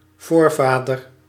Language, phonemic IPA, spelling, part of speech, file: Dutch, /ˈvoːrˌvaːdər/, voorvader, noun, Nl-voorvader.ogg
- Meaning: progenitor